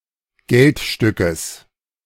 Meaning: genitive singular of Geldstück
- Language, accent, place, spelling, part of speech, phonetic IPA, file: German, Germany, Berlin, Geldstückes, noun, [ˈɡɛltˌʃtʏkəs], De-Geldstückes.ogg